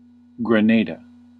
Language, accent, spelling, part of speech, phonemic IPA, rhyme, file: English, US, Grenada, proper noun, /ɡɹəˈneɪdə/, -eɪdə, En-us-Grenada.ogg
- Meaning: 1. An island and country in the Caribbean. Capital: St. George's 2. A census-designated place in Siskiyou County, California, United States